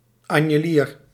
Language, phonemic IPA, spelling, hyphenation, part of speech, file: Dutch, /ˌɑn.jəˈliːr/, anjelier, an‧je‧lier, noun, Nl-anjelier.ogg
- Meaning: carnation (plant of genus Dianthus)